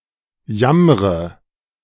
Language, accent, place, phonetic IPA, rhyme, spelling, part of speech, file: German, Germany, Berlin, [ˈjamʁə], -amʁə, jammre, verb, De-jammre.ogg
- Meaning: inflection of jammern: 1. first-person singular present 2. first/third-person singular subjunctive I 3. singular imperative